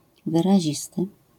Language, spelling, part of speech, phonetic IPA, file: Polish, wyrazisty, adjective, [ˌvɨraˈʑistɨ], LL-Q809 (pol)-wyrazisty.wav